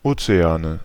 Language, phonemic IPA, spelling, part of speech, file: German, /ˈʔoːtseˌaːnə/, Ozeane, noun, De-Ozeane.ogg
- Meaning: nominative/accusative/genitive plural of Ozean (oceans)